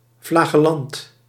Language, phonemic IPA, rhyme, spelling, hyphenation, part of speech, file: Dutch, /ˌflaː.ɣɛˈlɑnt/, -ɑnt, flagellant, fla‧gel‧lant, noun, Nl-flagellant.ogg
- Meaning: 1. flagellant, one who self-flagellates or is voluntarily flagellated as a form of religious penance 2. flagellant, one who practices whipping for sexual gratification